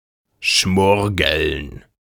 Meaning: to be fried or baked slowly, making a sizzling sound
- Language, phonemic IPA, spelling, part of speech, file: German, /ˈʃmʊʁɡəln/, schmurgeln, verb, De-schmurgeln.ogg